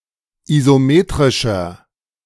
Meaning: inflection of isometrisch: 1. strong/mixed nominative masculine singular 2. strong genitive/dative feminine singular 3. strong genitive plural
- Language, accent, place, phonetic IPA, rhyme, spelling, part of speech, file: German, Germany, Berlin, [izoˈmeːtʁɪʃɐ], -eːtʁɪʃɐ, isometrischer, adjective, De-isometrischer.ogg